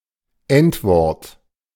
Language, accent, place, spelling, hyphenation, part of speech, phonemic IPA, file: German, Germany, Berlin, Endwort, End‧wort, noun, /ˈɛntˌvɔʁt/, De-Endwort.ogg
- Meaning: initial clipping; apheresis